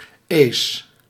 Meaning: -ese: Used to form adjectives and nouns describing things and characteristics of a city, region, or country, such as the people and the language spoken by these people
- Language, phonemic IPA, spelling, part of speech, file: Dutch, /eːs/, -ees, suffix, Nl--ees.ogg